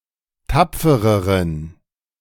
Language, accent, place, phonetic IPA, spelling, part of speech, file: German, Germany, Berlin, [ˈtap͡fəʁəʁən], tapfereren, adjective, De-tapfereren.ogg
- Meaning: inflection of tapfer: 1. strong genitive masculine/neuter singular comparative degree 2. weak/mixed genitive/dative all-gender singular comparative degree